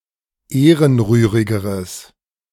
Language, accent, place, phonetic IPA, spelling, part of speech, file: German, Germany, Berlin, [ˈeːʁənˌʁyːʁɪɡəʁəs], ehrenrührigeres, adjective, De-ehrenrührigeres.ogg
- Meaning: strong/mixed nominative/accusative neuter singular comparative degree of ehrenrührig